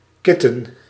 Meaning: a young cat; kitten
- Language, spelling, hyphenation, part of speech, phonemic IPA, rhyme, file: Dutch, kitten, kit‧ten, noun, /ˈkɪtən/, -ɪtən, Nl-kitten.ogg